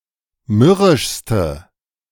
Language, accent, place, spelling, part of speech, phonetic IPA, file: German, Germany, Berlin, mürrischste, adjective, [ˈmʏʁɪʃstə], De-mürrischste.ogg
- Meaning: inflection of mürrisch: 1. strong/mixed nominative/accusative feminine singular superlative degree 2. strong nominative/accusative plural superlative degree